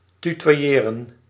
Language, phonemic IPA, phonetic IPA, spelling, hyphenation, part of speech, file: Dutch, /ˌty.tʋaːˈjeːrə(n)/, [ty.tʋaˈjɪːrə(n)], tutoyeren, tu‧toy‧e‧ren, verb, Nl-tutoyeren.ogg
- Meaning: to address someone casually by using jij, jou or the unemphatic je, as opposed to formal u